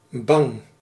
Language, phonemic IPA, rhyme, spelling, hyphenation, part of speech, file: Dutch, /bɑŋ/, -ɑŋ, bang, bang, adjective / noun, Nl-bang.ogg
- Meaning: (adjective) 1. scared, frightened 2. fearful 3. anxious; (noun) a sharp, percussive sound, like the sound of an explosion or gun; bang